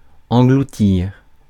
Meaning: 1. to gulp 2. to swallow up
- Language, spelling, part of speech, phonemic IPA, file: French, engloutir, verb, /ɑ̃.ɡlu.tiʁ/, Fr-engloutir.ogg